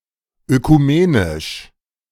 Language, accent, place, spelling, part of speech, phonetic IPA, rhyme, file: German, Germany, Berlin, ökumenisch, adjective, [økuˈmeːnɪʃ], -eːnɪʃ, De-ökumenisch.ogg
- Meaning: ecumenical